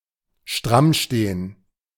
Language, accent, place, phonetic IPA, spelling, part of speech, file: German, Germany, Berlin, [ˈʃtʁamˌʃteːən], strammstehen, verb, De-strammstehen.ogg
- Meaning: to stand at attention